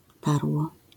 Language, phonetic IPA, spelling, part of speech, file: Polish, [ˈtarwɔ], tarło, noun / verb, LL-Q809 (pol)-tarło.wav